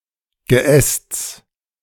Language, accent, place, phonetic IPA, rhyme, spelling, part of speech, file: German, Germany, Berlin, [ɡəˈʔɛst͡s], -ɛst͡s, Geästs, noun, De-Geästs.ogg
- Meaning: genitive singular of Geäst